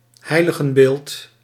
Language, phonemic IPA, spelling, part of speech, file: Dutch, /ˈɦɛi̯.lə.ɣənˌbeːlt/, heiligenbeeld, noun, Nl-heiligenbeeld.ogg
- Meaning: image of a saint